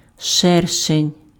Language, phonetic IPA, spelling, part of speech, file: Ukrainian, [ˈʃɛrʃenʲ], шершень, noun, Uk-шершень.ogg
- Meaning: hornet